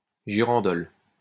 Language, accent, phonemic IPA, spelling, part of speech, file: French, France, /ʒi.ʁɑ̃.dɔl/, girandole, noun, LL-Q150 (fra)-girandole.wav
- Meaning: girandole